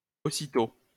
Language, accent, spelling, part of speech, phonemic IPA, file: French, France, aussitost, adverb, /o.si.to/, LL-Q150 (fra)-aussitost.wav
- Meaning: obsolete spelling of aussitôt